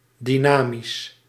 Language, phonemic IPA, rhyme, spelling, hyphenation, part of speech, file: Dutch, /ˌdiˈnaː.mis/, -aːmis, dynamisch, dy‧na‧misch, adjective, Nl-dynamisch.ogg
- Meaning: dynamic